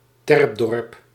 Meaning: a village built on an artificial mound
- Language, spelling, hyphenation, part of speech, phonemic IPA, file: Dutch, terpdorp, terp‧dorp, noun, /ˈtɛrp.dɔrp/, Nl-terpdorp.ogg